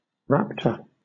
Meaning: 1. A bird of prey 2. One who ravishes or plunders 3. One of the dromaeosaurs, a family of carnivorous dinosaurs having tearing claws on the hind legs
- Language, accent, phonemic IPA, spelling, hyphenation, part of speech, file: English, Southern England, /ˈɹæptə/, raptor, rap‧tor, noun, LL-Q1860 (eng)-raptor.wav